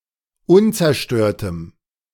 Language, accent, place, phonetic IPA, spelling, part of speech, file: German, Germany, Berlin, [ˈʊnt͡sɛɐ̯ˌʃtøːɐ̯təm], unzerstörtem, adjective, De-unzerstörtem.ogg
- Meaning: strong dative masculine/neuter singular of unzerstört